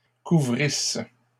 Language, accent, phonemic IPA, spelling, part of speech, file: French, Canada, /ku.vʁis/, couvrissent, verb, LL-Q150 (fra)-couvrissent.wav
- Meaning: third-person plural imperfect subjunctive of couvrir